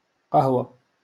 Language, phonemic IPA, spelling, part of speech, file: Moroccan Arabic, /qah.wa/, قهوة, noun, LL-Q56426 (ary)-قهوة.wav
- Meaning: 1. coffee 2. coffee shop, café